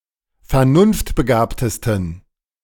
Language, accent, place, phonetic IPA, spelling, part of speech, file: German, Germany, Berlin, [fɛɐ̯ˈnʊnftbəˌɡaːptəstn̩], vernunftbegabtesten, adjective, De-vernunftbegabtesten.ogg
- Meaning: 1. superlative degree of vernunftbegabt 2. inflection of vernunftbegabt: strong genitive masculine/neuter singular superlative degree